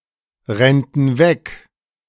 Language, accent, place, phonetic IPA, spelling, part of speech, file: German, Germany, Berlin, [ˌʁɛntn̩ ˈvɛk], rennten weg, verb, De-rennten weg.ogg
- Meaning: first-person plural subjunctive II of wegrennen